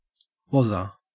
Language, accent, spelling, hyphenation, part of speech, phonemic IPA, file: English, Australia, Wazza, Waz‧za, proper noun, /ˈwɒ.zə/, En-au-Wazza.ogg
- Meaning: A diminutive of the male given name Warren